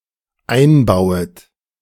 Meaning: second-person plural dependent subjunctive I of einbauen
- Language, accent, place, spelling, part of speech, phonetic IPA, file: German, Germany, Berlin, einbauet, verb, [ˈaɪ̯nˌbaʊ̯ət], De-einbauet.ogg